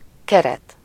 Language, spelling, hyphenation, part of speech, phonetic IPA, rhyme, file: Hungarian, keret, ke‧ret, noun, [ˈkɛrɛt], -ɛt, Hu-keret.ogg
- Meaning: 1. frame (rigid structure surrounding a flat object; the frame of a picture, a window, glasses, etc.) 2. border (decorative strip around a piece of text or an image)